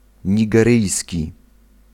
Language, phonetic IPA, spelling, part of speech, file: Polish, [ˌɲiɡɛˈrɨjsʲci], nigeryjski, adjective, Pl-nigeryjski.ogg